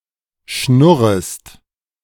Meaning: second-person singular subjunctive I of schnurren
- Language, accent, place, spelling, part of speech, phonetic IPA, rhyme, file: German, Germany, Berlin, schnurrest, verb, [ˈʃnʊʁəst], -ʊʁəst, De-schnurrest.ogg